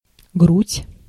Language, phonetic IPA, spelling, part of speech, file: Russian, [ɡrutʲ], грудь, noun, Ru-грудь.ogg
- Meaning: 1. chest 2. breast, bosom 3. thorax